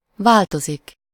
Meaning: to change (into something: -vá/-vé)
- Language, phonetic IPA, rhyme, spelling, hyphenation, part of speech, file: Hungarian, [ˈvaːltozik], -ozik, változik, vál‧to‧zik, verb, Hu-változik.ogg